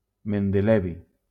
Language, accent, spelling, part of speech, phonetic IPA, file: Catalan, Valencia, mendelevi, noun, [men.deˈlɛ.vi], LL-Q7026 (cat)-mendelevi.wav
- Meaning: mendelevium